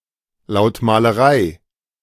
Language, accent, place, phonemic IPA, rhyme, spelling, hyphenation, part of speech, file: German, Germany, Berlin, /laʊ̯tmaːləˈʁaɪ̯/, -aɪ̯, Lautmalerei, Laut‧ma‧le‧rei, noun, De-Lautmalerei.ogg
- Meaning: onomatopoeia (property)